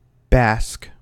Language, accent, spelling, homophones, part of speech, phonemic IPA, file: English, US, bask, Basque, verb / noun, /bæsk/, En-us-bask.ogg
- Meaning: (verb) To bathe in warmth; to be exposed to pleasant heat